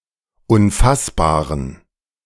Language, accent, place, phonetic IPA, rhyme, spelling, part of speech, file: German, Germany, Berlin, [ʊnˈfasbaːʁən], -asbaːʁən, unfassbaren, adjective, De-unfassbaren.ogg
- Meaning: inflection of unfassbar: 1. strong genitive masculine/neuter singular 2. weak/mixed genitive/dative all-gender singular 3. strong/weak/mixed accusative masculine singular 4. strong dative plural